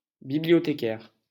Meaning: librarian
- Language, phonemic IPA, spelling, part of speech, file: French, /bi.bli.jɔ.te.kɛʁ/, bibliothécaire, noun, LL-Q150 (fra)-bibliothécaire.wav